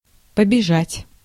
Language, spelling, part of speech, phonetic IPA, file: Russian, побежать, verb, [pəbʲɪˈʐatʲ], Ru-побежать.ogg
- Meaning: 1. to start running, to break into a run 2. to begin to flow (of liquids)